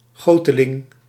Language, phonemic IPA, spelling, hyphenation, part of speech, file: Dutch, /ˈɣoː.tə.lɪŋ/, goteling, go‧te‧ling, noun, Nl-goteling.ogg
- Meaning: an early modern cast-iron cannon, often specifically denoting a piece of light artillery